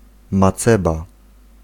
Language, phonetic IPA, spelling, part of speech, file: Polish, [maˈt͡sɛba], maceba, noun, Pl-maceba.ogg